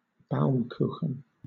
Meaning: A kind of layer cake, traditionally baked on a spit, in which the layers resemble concentric tree rings
- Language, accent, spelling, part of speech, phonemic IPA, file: English, Southern England, Baumkuchen, noun, /ˈbaʊmˌkuːxən/, LL-Q1860 (eng)-Baumkuchen.wav